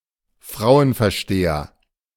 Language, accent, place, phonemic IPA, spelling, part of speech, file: German, Germany, Berlin, /ˈfraʊ̯ənfɛɐ̯ˌʃteːɐ/, Frauenversteher, noun, De-Frauenversteher.ogg
- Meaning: man who knows how to read women, women whisperer